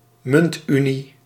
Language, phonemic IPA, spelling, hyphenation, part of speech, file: Dutch, /ˈmʏntˌy.ni/, muntunie, munt‧unie, noun, Nl-muntunie.ogg
- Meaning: currency union, monetary union